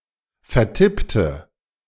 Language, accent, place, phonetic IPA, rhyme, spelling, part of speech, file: German, Germany, Berlin, [fɛɐ̯ˈtɪptə], -ɪptə, vertippte, adjective / verb, De-vertippte.ogg
- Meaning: inflection of vertippen: 1. first/third-person singular preterite 2. first/third-person singular subjunctive II